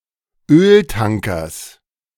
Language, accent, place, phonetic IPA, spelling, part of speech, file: German, Germany, Berlin, [ˈøːlˌtaŋkɐs], Öltankers, noun, De-Öltankers.ogg
- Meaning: genitive singular of Öltanker